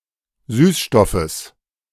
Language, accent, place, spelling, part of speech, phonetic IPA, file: German, Germany, Berlin, Süßstoffes, noun, [ˈsyːsˌʃtɔfəs], De-Süßstoffes.ogg
- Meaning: genitive singular of Süßstoff